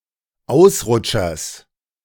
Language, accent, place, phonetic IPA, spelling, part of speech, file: German, Germany, Berlin, [ˈaʊ̯sˌʁʊt͡ʃɐs], Ausrutschers, noun, De-Ausrutschers.ogg
- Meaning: genitive singular of Ausrutscher